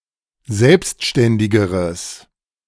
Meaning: strong/mixed nominative/accusative neuter singular comparative degree of selbstständig
- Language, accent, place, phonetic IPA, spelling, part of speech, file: German, Germany, Berlin, [ˈzɛlpstʃtɛndɪɡəʁəs], selbstständigeres, adjective, De-selbstständigeres.ogg